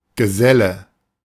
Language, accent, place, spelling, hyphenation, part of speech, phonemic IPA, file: German, Germany, Berlin, Geselle, Ge‧sel‧le, noun, /ɡəˈzɛlə/, De-Geselle.ogg
- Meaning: 1. journeyman 2. associate 3. fellow (of the guild)